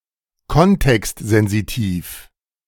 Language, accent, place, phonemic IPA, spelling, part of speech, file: German, Germany, Berlin, /ˈkɔntɛkstˌzɛnzitiːf/, kontextsensitiv, adjective, De-kontextsensitiv.ogg
- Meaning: context-sensitive